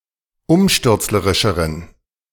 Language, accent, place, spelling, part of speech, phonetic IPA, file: German, Germany, Berlin, umstürzlerischeren, adjective, [ˈʊmʃtʏʁt͡sləʁɪʃəʁən], De-umstürzlerischeren.ogg
- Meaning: inflection of umstürzlerisch: 1. strong genitive masculine/neuter singular comparative degree 2. weak/mixed genitive/dative all-gender singular comparative degree